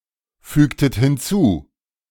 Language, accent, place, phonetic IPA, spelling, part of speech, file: German, Germany, Berlin, [ˌfyːktət hɪnˈt͡suː], fügtet hinzu, verb, De-fügtet hinzu.ogg
- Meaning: inflection of hinzufügen: 1. second-person plural preterite 2. second-person plural subjunctive II